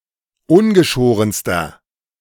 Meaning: inflection of ungeschoren: 1. strong/mixed nominative masculine singular superlative degree 2. strong genitive/dative feminine singular superlative degree 3. strong genitive plural superlative degree
- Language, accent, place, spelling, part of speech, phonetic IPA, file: German, Germany, Berlin, ungeschorenster, adjective, [ˈʊnɡəˌʃoːʁənstɐ], De-ungeschorenster.ogg